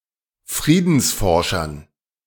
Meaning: dative plural of Friedensforscher
- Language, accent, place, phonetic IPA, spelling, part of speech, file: German, Germany, Berlin, [ˈfʁiːdn̩sˌfɔʁʃɐn], Friedensforschern, noun, De-Friedensforschern.ogg